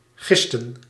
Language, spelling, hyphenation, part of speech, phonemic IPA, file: Dutch, gisten, gis‧ten, verb, /ˈɣɪs.tə(n)/, Nl-gisten.ogg
- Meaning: 1. to be likely to cause commotion and restlessness; to be prone to rebellion 2. to ferment (more often vergisten) 3. inflection of gissen: plural past indicative